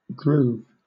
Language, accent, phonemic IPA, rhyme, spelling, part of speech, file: English, Southern England, /ɡɹuːv/, -uːv, groove, noun / verb, LL-Q1860 (eng)-groove.wav
- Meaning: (noun) A long, narrow channel or depression; e.g., such a slot cut into a hard material to provide a location for an engineering component, a tire groove, or a geological channel or depression